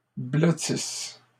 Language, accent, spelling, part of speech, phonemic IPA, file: French, Canada, blottisses, verb, /blɔ.tis/, LL-Q150 (fra)-blottisses.wav
- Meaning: second-person singular present/imperfect subjunctive of blottir